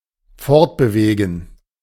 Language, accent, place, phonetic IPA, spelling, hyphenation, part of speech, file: German, Germany, Berlin, [ˈfɔʁtbəˌveːɡn̩], fortbewegen, fort‧be‧we‧gen, verb, De-fortbewegen2.ogg
- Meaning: to move on